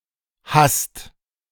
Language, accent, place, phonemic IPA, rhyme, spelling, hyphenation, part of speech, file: German, Germany, Berlin, /hast/, -ast, hasst, hasst, verb, De-hasst.ogg
- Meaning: inflection of hassen: 1. second/third-person singular present 2. second-person plural present 3. plural imperative